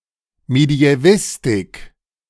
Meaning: medieval studies (academic study of the Middle Ages)
- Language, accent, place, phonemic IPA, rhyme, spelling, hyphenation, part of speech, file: German, Germany, Berlin, /medi̯ɛˈvɪstɪk/, -ɪstɪk, Mediävistik, Me‧di‧ä‧vis‧tik, noun, De-Mediävistik.ogg